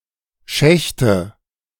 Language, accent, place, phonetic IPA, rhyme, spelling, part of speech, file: German, Germany, Berlin, [ˈʃɛçtə], -ɛçtə, Schächte, noun, De-Schächte.ogg
- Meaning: nominative/accusative/genitive plural of Schacht